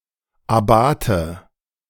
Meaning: abbot
- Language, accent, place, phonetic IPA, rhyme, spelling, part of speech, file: German, Germany, Berlin, [aˈbaːtə], -aːtə, Abate, noun / proper noun, De-Abate.ogg